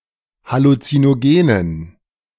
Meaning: dative plural of Halluzinogen
- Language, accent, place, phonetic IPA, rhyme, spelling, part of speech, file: German, Germany, Berlin, [halut͡sinoˈɡeːnən], -eːnən, Halluzinogenen, noun, De-Halluzinogenen.ogg